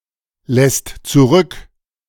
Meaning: second/third-person singular present of zurücklassen
- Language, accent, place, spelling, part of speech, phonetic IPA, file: German, Germany, Berlin, lässt zurück, verb, [ˌlɛst t͡suˈʁʏk], De-lässt zurück.ogg